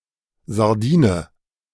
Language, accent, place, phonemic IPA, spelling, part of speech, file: German, Germany, Berlin, /zaʁˈdiːnə/, Sardine, noun, De-Sardine.ogg
- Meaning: sardine